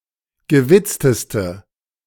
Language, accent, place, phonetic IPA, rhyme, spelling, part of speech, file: German, Germany, Berlin, [ɡəˈvɪt͡stəstə], -ɪt͡stəstə, gewitzteste, adjective, De-gewitzteste.ogg
- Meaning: inflection of gewitzt: 1. strong/mixed nominative/accusative feminine singular superlative degree 2. strong nominative/accusative plural superlative degree